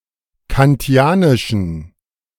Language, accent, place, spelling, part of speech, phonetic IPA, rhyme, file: German, Germany, Berlin, kantianischen, adjective, [kanˈti̯aːnɪʃn̩], -aːnɪʃn̩, De-kantianischen.ogg
- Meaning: inflection of kantianisch: 1. strong genitive masculine/neuter singular 2. weak/mixed genitive/dative all-gender singular 3. strong/weak/mixed accusative masculine singular 4. strong dative plural